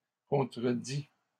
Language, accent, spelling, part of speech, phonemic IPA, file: French, Canada, contredît, verb, /kɔ̃.tʁə.di/, LL-Q150 (fra)-contredît.wav
- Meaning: third-person singular imperfect subjunctive of contredire